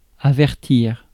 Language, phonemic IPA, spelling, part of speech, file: French, /a.vɛʁ.tiʁ/, avertir, verb, Fr-avertir.ogg
- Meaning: 1. to warn 2. to notify